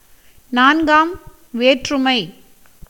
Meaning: dative case
- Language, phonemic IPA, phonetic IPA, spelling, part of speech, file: Tamil, /nɑːnɡɑːm ʋeːrːʊmɐɪ̯/, [näːnɡäːm ʋeːtrʊmɐɪ̯], நான்காம் வேற்றுமை, noun, Ta-நான்காம் வேற்றுமை.ogg